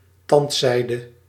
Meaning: dental floss, floss used to clean the areas between the teeth
- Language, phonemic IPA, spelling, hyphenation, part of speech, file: Dutch, /ˈtɑntˌsɛi̯də/, tandzijde, tand‧zij‧de, noun, Nl-tandzijde.ogg